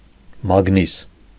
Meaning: magnet
- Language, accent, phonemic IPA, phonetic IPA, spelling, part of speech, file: Armenian, Eastern Armenian, /mɑɡˈnis/, [mɑɡnís], մագնիս, noun, Hy-մագնիս.ogg